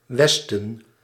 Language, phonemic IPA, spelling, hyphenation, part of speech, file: Dutch, /ˈʋɛs.tə(n)/, westen, wes‧ten, noun, Nl-westen.ogg
- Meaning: west